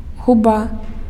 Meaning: lip
- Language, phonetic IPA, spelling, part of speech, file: Belarusian, [ɣuˈba], губа, noun, Be-губа.ogg